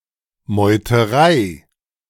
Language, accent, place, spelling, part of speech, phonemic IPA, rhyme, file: German, Germany, Berlin, Meuterei, noun, /mɔʏ̯təˈʁaɪ̯/, -aɪ̯, De-Meuterei.ogg
- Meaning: mutiny